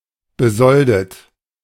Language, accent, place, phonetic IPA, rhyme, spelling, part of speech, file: German, Germany, Berlin, [bəˈzɔldət], -ɔldət, besoldet, verb, De-besoldet.ogg
- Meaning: past participle of besolden